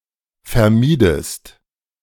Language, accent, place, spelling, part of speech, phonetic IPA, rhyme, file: German, Germany, Berlin, vermiedest, verb, [fɛɐ̯ˈmiːdəst], -iːdəst, De-vermiedest.ogg
- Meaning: inflection of vermeiden: 1. second-person singular preterite 2. second-person singular subjunctive II